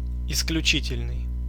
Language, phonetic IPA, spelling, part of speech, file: Russian, [ɪsklʲʉˈt͡ɕitʲɪlʲnɨj], исключительный, adjective, Ru-исключительный.ogg
- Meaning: 1. exceptional 2. exclusive 3. extraordinary, excellent